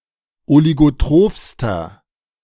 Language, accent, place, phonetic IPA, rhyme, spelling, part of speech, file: German, Germany, Berlin, [oliɡoˈtʁoːfstɐ], -oːfstɐ, oligotrophster, adjective, De-oligotrophster.ogg
- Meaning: inflection of oligotroph: 1. strong/mixed nominative masculine singular superlative degree 2. strong genitive/dative feminine singular superlative degree 3. strong genitive plural superlative degree